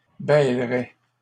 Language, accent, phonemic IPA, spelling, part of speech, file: French, Canada, /bɛl.ʁɛ/, bêleraient, verb, LL-Q150 (fra)-bêleraient.wav
- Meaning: third-person plural conditional of bêler